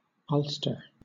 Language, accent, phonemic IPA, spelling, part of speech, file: English, Southern England, /ˈʌlstə/, Ulster, proper noun / noun, LL-Q1860 (eng)-Ulster.wav
- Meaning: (proper noun) 1. The northern province of Ireland, made up of all six Northern Irish counties and three counties in the Republic of Ireland 2. The six counties that make up Northern Ireland